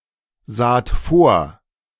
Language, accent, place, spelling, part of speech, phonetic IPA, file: German, Germany, Berlin, saht vor, verb, [ˌzaːt ˈfoːɐ̯], De-saht vor.ogg
- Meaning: second-person plural preterite of vorsehen